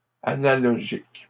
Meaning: plural of analogique
- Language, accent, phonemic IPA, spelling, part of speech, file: French, Canada, /a.na.lɔ.ʒik/, analogiques, adjective, LL-Q150 (fra)-analogiques.wav